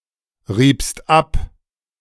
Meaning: second-person singular preterite of abreiben
- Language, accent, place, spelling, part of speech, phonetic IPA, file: German, Germany, Berlin, riebst ab, verb, [ˌʁiːpst ˈap], De-riebst ab.ogg